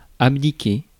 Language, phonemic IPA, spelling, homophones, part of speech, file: French, /ab.di.ke/, abdiquer, abdiquai / abdiqué / abdiquée / abdiquées / abdiqués / abdiquez, verb, Fr-abdiquer.ogg
- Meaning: 1. to abdicate (one's powers) 2. to give up; to abandon